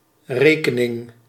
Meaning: 1. a calculation 2. a mathematically consistent set of data in accounting 3. a client's account at a bank etc 4. Reckoning, account, justification 5. a bill, a check; hence the cost of something
- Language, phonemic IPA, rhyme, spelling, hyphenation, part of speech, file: Dutch, /ˈreː.kə.nɪŋ/, -eːkənɪŋ, rekening, re‧ke‧ning, noun, Nl-rekening.ogg